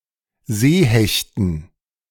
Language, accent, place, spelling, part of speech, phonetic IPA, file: German, Germany, Berlin, Seehechten, noun, [ˈzeːˌhɛçtn̩], De-Seehechten.ogg
- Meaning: dative plural of Seehecht